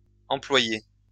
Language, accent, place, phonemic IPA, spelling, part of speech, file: French, France, Lyon, /ɑ̃.plwa.je/, employés, noun / verb, LL-Q150 (fra)-employés.wav
- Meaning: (noun) plural of employé; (verb) masculine plural of employé